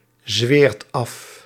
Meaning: inflection of afzweren: 1. second/third-person singular present indicative 2. plural imperative
- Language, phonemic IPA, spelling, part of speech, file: Dutch, /ˈzwert ˈɑf/, zweert af, verb, Nl-zweert af.ogg